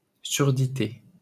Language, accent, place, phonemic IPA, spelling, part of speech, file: French, France, Paris, /syʁ.di.te/, surdité, noun, LL-Q150 (fra)-surdité.wav
- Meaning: deafness